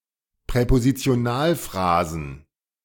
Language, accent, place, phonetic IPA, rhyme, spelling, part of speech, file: German, Germany, Berlin, [pʁɛpozit͡si̯oˈnaːlˌfʁaːzn̩], -aːlfʁaːzn̩, Präpositionalphrasen, noun, De-Präpositionalphrasen.ogg
- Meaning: plural of Präpositionalphrase